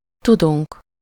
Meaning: first-person plural indicative present indefinite of tud
- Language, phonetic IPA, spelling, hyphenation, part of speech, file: Hungarian, [ˈtuduŋk], tudunk, tu‧dunk, verb, Hu-tudunk.ogg